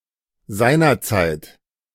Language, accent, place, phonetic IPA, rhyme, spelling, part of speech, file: German, Germany, Berlin, [ˈzaɪ̯nɐˌt͡saɪ̯t], -aɪ̯nɐt͡saɪ̯t, seinerzeit, adverb, De-seinerzeit.ogg
- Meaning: 1. back then, at the time (typically years ago, earlier in the life of the speaker) 2. in due time